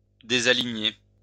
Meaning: 1. "to make uneven (ranks of soldiers)" 2. to fall out of the ranks
- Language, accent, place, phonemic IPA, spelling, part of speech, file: French, France, Lyon, /de.za.li.ɲe/, désaligner, verb, LL-Q150 (fra)-désaligner.wav